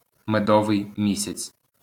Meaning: honeymoon
- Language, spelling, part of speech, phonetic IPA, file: Ukrainian, медовий місяць, noun, [meˈdɔʋei̯ ˈmʲisʲɐt͡sʲ], LL-Q8798 (ukr)-медовий місяць.wav